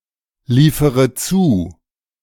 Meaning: inflection of zuliefern: 1. first-person singular present 2. first-person plural subjunctive I 3. third-person singular subjunctive I 4. singular imperative
- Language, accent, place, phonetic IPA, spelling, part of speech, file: German, Germany, Berlin, [ˌliːfəʁə ˈt͡suː], liefere zu, verb, De-liefere zu.ogg